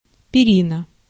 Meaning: a feather bed
- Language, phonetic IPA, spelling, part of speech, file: Russian, [pʲɪˈrʲinə], перина, noun, Ru-перина.ogg